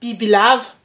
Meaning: snake
- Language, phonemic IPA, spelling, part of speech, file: Malagasy, /ˈbibʲˈlav/, bibilava, noun, Mg-bibilava.ogg